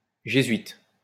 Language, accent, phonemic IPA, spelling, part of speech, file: French, France, /ʒe.zɥit/, jésuite, adjective, LL-Q150 (fra)-jésuite.wav
- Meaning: Jesuit